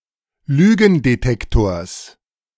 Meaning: genitive singular of Lügendetektor
- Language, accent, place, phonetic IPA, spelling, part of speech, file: German, Germany, Berlin, [ˈlyːɡn̩deˌtɛktoːɐ̯s], Lügendetektors, noun, De-Lügendetektors.ogg